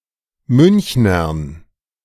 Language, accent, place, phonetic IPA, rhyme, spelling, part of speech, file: German, Germany, Berlin, [ˈmʏnçnɐn], -ʏnçnɐn, Münchnern, noun, De-Münchnern.ogg
- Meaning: dative plural of Münchner